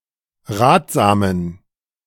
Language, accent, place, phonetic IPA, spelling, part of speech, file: German, Germany, Berlin, [ˈʁaːtz̥aːmən], ratsamen, adjective, De-ratsamen.ogg
- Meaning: inflection of ratsam: 1. strong genitive masculine/neuter singular 2. weak/mixed genitive/dative all-gender singular 3. strong/weak/mixed accusative masculine singular 4. strong dative plural